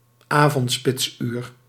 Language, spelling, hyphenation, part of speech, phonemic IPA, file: Dutch, avondspitsuur, avond‧spits‧uur, noun, /ˈaː.vɔntˌspɪts.yːr/, Nl-avondspitsuur.ogg
- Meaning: evening rush hour